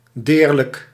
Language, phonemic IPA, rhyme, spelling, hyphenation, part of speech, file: Dutch, /ˈdeːr.lək/, -eːrlək, deerlijk, deer‧lijk, adjective, Nl-deerlijk.ogg
- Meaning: 1. hurting, painful 2. sad, saddening